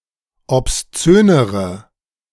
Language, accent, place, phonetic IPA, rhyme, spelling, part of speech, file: German, Germany, Berlin, [ɔpsˈt͡søːnəʁə], -øːnəʁə, obszönere, adjective, De-obszönere.ogg
- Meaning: inflection of obszön: 1. strong/mixed nominative/accusative feminine singular comparative degree 2. strong nominative/accusative plural comparative degree